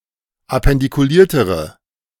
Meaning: inflection of appendikuliert: 1. strong/mixed nominative/accusative feminine singular comparative degree 2. strong nominative/accusative plural comparative degree
- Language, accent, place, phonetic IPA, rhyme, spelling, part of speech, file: German, Germany, Berlin, [apɛndikuˈliːɐ̯təʁə], -iːɐ̯təʁə, appendikuliertere, adjective, De-appendikuliertere.ogg